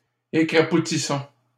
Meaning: inflection of écrapoutir: 1. first-person plural present indicative 2. first-person plural imperative
- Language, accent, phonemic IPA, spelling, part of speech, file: French, Canada, /e.kʁa.pu.ti.sɔ̃/, écrapoutissons, verb, LL-Q150 (fra)-écrapoutissons.wav